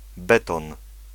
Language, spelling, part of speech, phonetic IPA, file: Polish, beton, noun, [ˈbɛtɔ̃n], Pl-beton.ogg